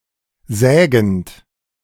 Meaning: present participle of sägen
- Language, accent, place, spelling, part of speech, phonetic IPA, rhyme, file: German, Germany, Berlin, sägend, verb, [ˈzɛːɡn̩t], -ɛːɡn̩t, De-sägend.ogg